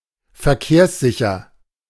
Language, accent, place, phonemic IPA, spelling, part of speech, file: German, Germany, Berlin, /fɛɐ̯ˈkeːɐ̯sˌzɪçɐ/, verkehrssicher, adjective, De-verkehrssicher.ogg
- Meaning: roadworthy